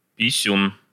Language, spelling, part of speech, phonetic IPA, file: Russian, писюн, noun, [pʲɪˈsʲun], Ru-писюн.ogg
- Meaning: penis, doodle, wee-wee, willy